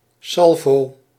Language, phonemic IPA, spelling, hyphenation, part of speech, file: Dutch, /ˈsɑl.voː/, salvo, sal‧vo, noun, Nl-salvo.ogg
- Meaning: salvo, volley, a series of shots